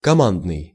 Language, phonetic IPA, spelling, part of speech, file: Russian, [kɐˈmandnɨj], командный, adjective, Ru-командный.ogg
- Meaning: 1. command 2. team 3. commanding, preeminent, dominant